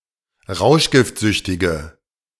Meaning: inflection of rauschgiftsüchtig: 1. strong/mixed nominative/accusative feminine singular 2. strong nominative/accusative plural 3. weak nominative all-gender singular
- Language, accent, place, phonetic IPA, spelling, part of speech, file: German, Germany, Berlin, [ˈʁaʊ̯ʃɡɪftˌzʏçtɪɡə], rauschgiftsüchtige, adjective, De-rauschgiftsüchtige.ogg